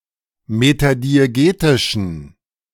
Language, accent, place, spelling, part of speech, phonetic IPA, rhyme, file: German, Germany, Berlin, metadiegetischen, adjective, [ˌmetadieˈɡeːtɪʃn̩], -eːtɪʃn̩, De-metadiegetischen.ogg
- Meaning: inflection of metadiegetisch: 1. strong genitive masculine/neuter singular 2. weak/mixed genitive/dative all-gender singular 3. strong/weak/mixed accusative masculine singular 4. strong dative plural